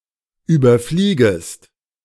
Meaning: second-person singular subjunctive I of überfliegen
- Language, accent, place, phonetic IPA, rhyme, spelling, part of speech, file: German, Germany, Berlin, [ˌyːbɐˈfliːɡəst], -iːɡəst, überfliegest, verb, De-überfliegest.ogg